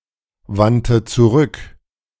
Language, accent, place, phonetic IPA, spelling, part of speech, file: German, Germany, Berlin, [ˌvantə t͡suˈʁʏk], wandte zurück, verb, De-wandte zurück.ogg
- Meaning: first/third-person singular preterite of zurückwenden